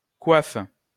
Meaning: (noun) coif (headgear in general); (verb) inflection of coiffer: 1. first-person singular/third-person singular present indicative/subjunctive 2. second-person singular imperative
- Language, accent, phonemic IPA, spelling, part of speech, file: French, France, /kwaf/, coiffe, noun / verb, LL-Q150 (fra)-coiffe.wav